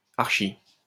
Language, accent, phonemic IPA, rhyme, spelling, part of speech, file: French, France, /aʁ.ʃi/, -i, archi-, prefix, LL-Q150 (fra)-archi-.wav
- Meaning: 1. arch- (used for intensiveness), ultra- 2. dead (extremely)